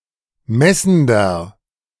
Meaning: inflection of messend: 1. strong/mixed nominative masculine singular 2. strong genitive/dative feminine singular 3. strong genitive plural
- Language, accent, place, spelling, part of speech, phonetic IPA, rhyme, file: German, Germany, Berlin, messender, adjective, [ˈmɛsn̩dɐ], -ɛsn̩dɐ, De-messender.ogg